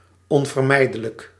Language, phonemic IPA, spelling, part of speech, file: Dutch, /ˌɔn.vərˈmɛi̯.də.lək/, onvermijdelijk, adjective, Nl-onvermijdelijk.ogg
- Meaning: inevitable